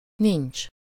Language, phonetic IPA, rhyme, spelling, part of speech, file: Hungarian, [ˈnint͡ʃ], -int͡ʃ, nincs, verb, Hu-nincs.ogg
- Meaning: there is no, there is not